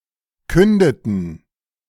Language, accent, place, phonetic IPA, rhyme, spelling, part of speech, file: German, Germany, Berlin, [ˈkʏndətn̩], -ʏndətn̩, kündeten, verb, De-kündeten.ogg
- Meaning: inflection of künden: 1. first/third-person plural preterite 2. first/third-person plural subjunctive II